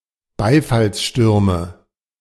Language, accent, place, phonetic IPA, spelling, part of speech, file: German, Germany, Berlin, [ˈbaɪ̯falsˌʃtʏʁmə], Beifallsstürme, noun, De-Beifallsstürme.ogg
- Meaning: nominative/accusative/genitive plural of Beifallssturm